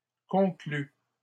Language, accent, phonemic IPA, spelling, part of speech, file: French, Canada, /kɔ̃.kly/, conclue, adjective / verb, LL-Q150 (fra)-conclue.wav
- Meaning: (adjective) feminine singular of conclu; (verb) first/third-person singular present subjunctive of conclure